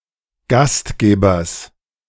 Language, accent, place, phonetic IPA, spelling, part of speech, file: German, Germany, Berlin, [ˈɡastˌɡeːbɐs], Gastgebers, noun, De-Gastgebers.ogg
- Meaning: genitive singular of Gastgeber